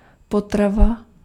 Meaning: food
- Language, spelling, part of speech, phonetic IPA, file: Czech, potrava, noun, [ˈpotrava], Cs-potrava.ogg